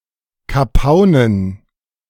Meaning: dative plural of Kapaun
- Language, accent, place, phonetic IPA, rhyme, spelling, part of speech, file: German, Germany, Berlin, [kaˈpaʊ̯nən], -aʊ̯nən, Kapaunen, noun, De-Kapaunen.ogg